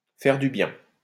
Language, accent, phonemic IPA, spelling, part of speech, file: French, France, /fɛʁ dy bjɛ̃/, faire du bien, verb, LL-Q150 (fra)-faire du bien.wav
- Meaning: to do someone good, to feel good (to someone)